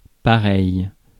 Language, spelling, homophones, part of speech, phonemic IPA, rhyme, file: French, pareil, pareils / pareille / pareilles, adjective / adverb, /pa.ʁɛj/, -ɛj, Fr-pareil.ogg
- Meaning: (adjective) 1. such 2. like, alike, same; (adverb) 1. the same; alike 2. anyway; just the same